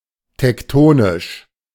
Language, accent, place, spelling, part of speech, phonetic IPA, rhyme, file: German, Germany, Berlin, tektonisch, adjective, [tɛkˈtoːnɪʃ], -oːnɪʃ, De-tektonisch.ogg
- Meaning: tectonic (relating to large-scale movements)